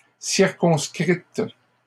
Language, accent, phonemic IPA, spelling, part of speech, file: French, Canada, /siʁ.kɔ̃s.kʁit/, circonscrites, verb, LL-Q150 (fra)-circonscrites.wav
- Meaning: feminine plural of circonscrit